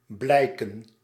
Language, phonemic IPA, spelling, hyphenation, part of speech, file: Dutch, /ˈblɛi̯kə(n)/, blijken, blij‧ken, verb / noun, Nl-blijken.ogg
- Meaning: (verb) 1. to appear, to become apparent 2. to appear 3. to turn out; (noun) plural of blijk